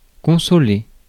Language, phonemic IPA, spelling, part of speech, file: French, /kɔ̃.sɔ.le/, consoler, verb, Fr-consoler.ogg
- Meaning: to comfort, console